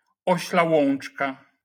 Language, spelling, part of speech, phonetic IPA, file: Polish, ośla łączka, noun, [ˈɔɕla ˈwɔ̃n͇t͡ʃka], LL-Q809 (pol)-ośla łączka.wav